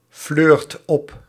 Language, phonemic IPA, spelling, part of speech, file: Dutch, /ˈflørt ˈɔp/, fleurt op, verb, Nl-fleurt op.ogg
- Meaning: inflection of opfleuren: 1. second/third-person singular present indicative 2. plural imperative